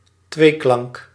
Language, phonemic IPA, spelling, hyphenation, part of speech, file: Dutch, /ˈtʋeː.klɑŋk/, tweeklank, twee‧klank, noun, Nl-tweeklank.ogg
- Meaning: a diphthong